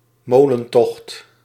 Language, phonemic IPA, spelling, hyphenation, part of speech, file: Dutch, /ˈmoː.lə(n)ˌtɔxt/, molentocht, mo‧len‧tocht, noun, Nl-molentocht.ogg
- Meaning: a small waterway that connects all the other waterways in a polder to a windmill that can drain surplus water